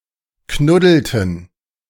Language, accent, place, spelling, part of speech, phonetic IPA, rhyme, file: German, Germany, Berlin, knuddelten, verb, [ˈknʊdl̩tn̩], -ʊdl̩tn̩, De-knuddelten.ogg
- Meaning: inflection of knuddeln: 1. first/third-person plural preterite 2. first/third-person plural subjunctive II